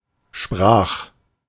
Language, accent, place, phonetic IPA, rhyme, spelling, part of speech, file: German, Germany, Berlin, [ʃpʁaːx], -aːx, sprach, verb, De-sprach.ogg
- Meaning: first/third-person singular preterite of sprechen